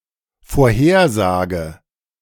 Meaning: prediction, forecast
- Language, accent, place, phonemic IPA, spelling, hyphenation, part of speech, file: German, Germany, Berlin, /foːrˈheːrˌzaːɡə/, Vorhersage, Vor‧her‧sa‧ge, noun, De-Vorhersage.ogg